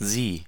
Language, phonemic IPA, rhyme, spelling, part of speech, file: German, /ziː/, -iː, sie, pronoun, De-sie.ogg
- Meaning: 1. she; her 2. it (with grammatically feminine subjects, i.e. those for which the article die – pronounced dee – is used)